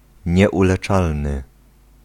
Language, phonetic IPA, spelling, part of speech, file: Polish, [ˌɲɛʷulɛˈt͡ʃalnɨ], nieuleczalny, adjective, Pl-nieuleczalny.ogg